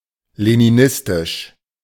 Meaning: Leninist
- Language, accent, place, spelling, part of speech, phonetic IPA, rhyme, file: German, Germany, Berlin, leninistisch, adjective, [leniˈnɪstɪʃ], -ɪstɪʃ, De-leninistisch.ogg